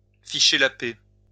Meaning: minced oath of foutre la paix
- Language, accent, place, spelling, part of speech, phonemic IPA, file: French, France, Lyon, ficher la paix, verb, /fi.ʃe la pɛ/, LL-Q150 (fra)-ficher la paix.wav